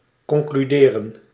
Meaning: to conclude
- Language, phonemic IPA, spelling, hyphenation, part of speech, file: Dutch, /kɔŋklyˈdeːrə(n)/, concluderen, con‧clu‧de‧ren, verb, Nl-concluderen.ogg